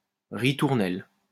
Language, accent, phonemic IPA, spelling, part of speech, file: French, France, /ʁi.tuʁ.nɛl/, ritournelle, noun, LL-Q150 (fra)-ritournelle.wav
- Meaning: refrain (music)